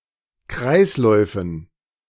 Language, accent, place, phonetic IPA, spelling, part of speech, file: German, Germany, Berlin, [ˈkʁaɪ̯sˌlɔɪ̯fn̩], Kreisläufen, noun, De-Kreisläufen.ogg
- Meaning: dative plural of Kreislauf